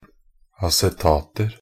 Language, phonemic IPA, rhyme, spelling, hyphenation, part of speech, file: Norwegian Bokmål, /asɛˈtɑːtər/, -ər, acetater, a‧ce‧tat‧er, noun, Nb-acetater.ogg
- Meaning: indefinite plural of acetat